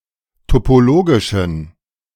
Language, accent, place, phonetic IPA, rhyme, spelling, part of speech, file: German, Germany, Berlin, [topoˈloːɡɪʃn̩], -oːɡɪʃn̩, topologischen, adjective, De-topologischen.ogg
- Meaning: inflection of topologisch: 1. strong genitive masculine/neuter singular 2. weak/mixed genitive/dative all-gender singular 3. strong/weak/mixed accusative masculine singular 4. strong dative plural